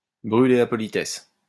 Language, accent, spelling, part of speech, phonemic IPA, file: French, France, brûler la politesse, verb, /bʁy.le la pɔ.li.tɛs/, LL-Q150 (fra)-brûler la politesse.wav
- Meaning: to give someone the slip, to slip away from